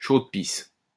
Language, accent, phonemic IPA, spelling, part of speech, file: French, France, /ʃod.pis/, chaude-pisse, noun, LL-Q150 (fra)-chaude-pisse.wav
- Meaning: the clap (gonorrhea)